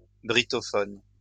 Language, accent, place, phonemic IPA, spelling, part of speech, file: French, France, Lyon, /bʁi.tɔ.fɔn/, brittophone, adjective / noun, LL-Q150 (fra)-brittophone.wav
- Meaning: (adjective) Breton-speaking; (noun) Breton speaker